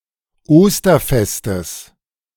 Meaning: genitive of Osterfest
- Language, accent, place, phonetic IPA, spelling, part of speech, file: German, Germany, Berlin, [ˈoːstɐˌfɛstəs], Osterfestes, noun, De-Osterfestes.ogg